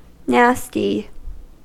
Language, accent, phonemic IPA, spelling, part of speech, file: English, US, /ˈnæs.ti/, nasty, adjective / noun / verb, En-us-nasty.ogg
- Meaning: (adjective) 1. Dirty, filthy 2. Contemptible, unpleasant (of a person) 3. Objectionable, unpleasant (of a thing); repellent, offensive 4. Indecent or offensive; obscene, lewd 5. Spiteful, unkind